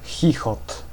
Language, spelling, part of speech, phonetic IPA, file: Polish, chichot, noun, [ˈxʲixɔt], Pl-chichot.ogg